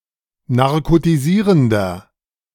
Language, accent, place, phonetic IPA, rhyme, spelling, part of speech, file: German, Germany, Berlin, [naʁkotiˈziːʁəndɐ], -iːʁəndɐ, narkotisierender, adjective, De-narkotisierender.ogg
- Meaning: inflection of narkotisierend: 1. strong/mixed nominative masculine singular 2. strong genitive/dative feminine singular 3. strong genitive plural